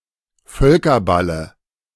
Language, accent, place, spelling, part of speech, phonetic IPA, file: German, Germany, Berlin, Völkerballe, noun, [ˈfœlkɐˌbalə], De-Völkerballe.ogg
- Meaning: dative of Völkerball